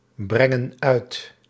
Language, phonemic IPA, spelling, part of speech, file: Dutch, /ˈbrɛŋə(n) ˈœyt/, brengen uit, verb, Nl-brengen uit.ogg
- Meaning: inflection of uitbrengen: 1. plural present indicative 2. plural present subjunctive